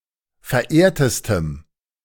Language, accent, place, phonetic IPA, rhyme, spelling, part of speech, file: German, Germany, Berlin, [fɛɐ̯ˈʔeːɐ̯təstəm], -eːɐ̯təstəm, verehrtestem, adjective, De-verehrtestem.ogg
- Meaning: strong dative masculine/neuter singular superlative degree of verehrt